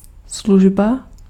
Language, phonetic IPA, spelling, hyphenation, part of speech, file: Czech, [ˈsluʒba], služba, služ‧ba, noun, Cs-služba.ogg
- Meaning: 1. service 2. duty (period of time spent at work)